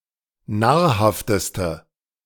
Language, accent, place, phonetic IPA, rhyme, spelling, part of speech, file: German, Germany, Berlin, [ˈnaːɐ̯ˌhaftəstə], -aːɐ̯haftəstə, nahrhafteste, adjective, De-nahrhafteste.ogg
- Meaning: inflection of nahrhaft: 1. strong/mixed nominative/accusative feminine singular superlative degree 2. strong nominative/accusative plural superlative degree